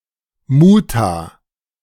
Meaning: stop
- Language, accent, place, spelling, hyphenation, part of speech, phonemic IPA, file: German, Germany, Berlin, Muta, Mu‧ta, noun, /ˈmuːta/, De-Muta.ogg